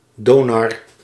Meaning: Thor, Donar (Germanic thunder god)
- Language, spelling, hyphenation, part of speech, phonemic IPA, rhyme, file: Dutch, Donar, Do‧nar, proper noun, /ˈdoːnɑr/, -oːnɑr, Nl-Donar.ogg